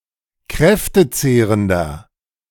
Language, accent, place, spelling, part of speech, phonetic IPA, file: German, Germany, Berlin, kräftezehrender, adjective, [ˈkʁɛftəˌt͡seːʁəndɐ], De-kräftezehrender.ogg
- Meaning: 1. comparative degree of kräftezehrend 2. inflection of kräftezehrend: strong/mixed nominative masculine singular 3. inflection of kräftezehrend: strong genitive/dative feminine singular